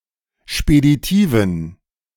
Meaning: inflection of speditiv: 1. strong genitive masculine/neuter singular 2. weak/mixed genitive/dative all-gender singular 3. strong/weak/mixed accusative masculine singular 4. strong dative plural
- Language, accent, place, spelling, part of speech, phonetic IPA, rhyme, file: German, Germany, Berlin, speditiven, adjective, [ʃpediˈtiːvn̩], -iːvn̩, De-speditiven.ogg